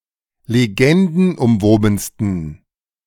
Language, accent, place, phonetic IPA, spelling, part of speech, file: German, Germany, Berlin, [leˈɡɛndn̩ʔʊmˌvoːbn̩stən], legendenumwobensten, adjective, De-legendenumwobensten.ogg
- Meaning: 1. superlative degree of legendenumwoben 2. inflection of legendenumwoben: strong genitive masculine/neuter singular superlative degree